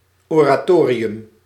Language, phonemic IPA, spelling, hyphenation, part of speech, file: Dutch, /oː.raːˈtoː.ri.ʏm/, oratorium, ora‧to‧ri‧um, noun, Nl-oratorium.ogg
- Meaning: 1. an oratorio, a religiously-themed semi-operatic form of music 2. a prayer room or small chapel